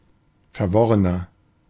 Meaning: 1. comparative degree of verworren 2. inflection of verworren: strong/mixed nominative masculine singular 3. inflection of verworren: strong genitive/dative feminine singular
- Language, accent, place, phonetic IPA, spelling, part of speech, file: German, Germany, Berlin, [fɛɐ̯ˈvɔʁənɐ], verworrener, adjective, De-verworrener.ogg